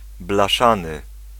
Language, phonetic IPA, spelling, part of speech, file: Polish, [blaˈʃãnɨ], blaszany, adjective, Pl-blaszany.ogg